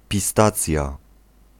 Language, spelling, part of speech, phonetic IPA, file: Polish, pistacja, noun, [pʲiˈstat͡sʲja], Pl-pistacja.ogg